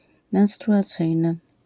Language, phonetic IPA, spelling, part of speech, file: Polish, [ˌmɛ̃w̃struʷaˈt͡sɨjnɨ], menstruacyjny, adjective, LL-Q809 (pol)-menstruacyjny.wav